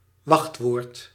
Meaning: password
- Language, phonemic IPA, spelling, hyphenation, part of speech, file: Dutch, /ˈʋɑxt.ʋoːrt/, wachtwoord, wacht‧woord, noun, Nl-wachtwoord.ogg